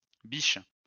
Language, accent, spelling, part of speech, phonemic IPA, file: French, France, biches, noun / verb, /biʃ/, LL-Q150 (fra)-biches.wav
- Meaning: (noun) plural of biche; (verb) second-person singular present indicative/subjunctive of bicher